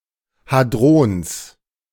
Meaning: genitive singular of Hadron
- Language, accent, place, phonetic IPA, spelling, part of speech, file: German, Germany, Berlin, [ˈhaːdʁɔns], Hadrons, noun, De-Hadrons.ogg